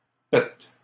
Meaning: plural of pet
- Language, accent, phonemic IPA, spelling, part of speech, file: French, Canada, /pɛ/, pets, noun, LL-Q150 (fra)-pets.wav